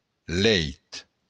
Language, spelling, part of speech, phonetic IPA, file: Occitan, lèit, noun, [ˈlɛjt], LL-Q35735-lèit.wav
- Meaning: 1. bed 2. milk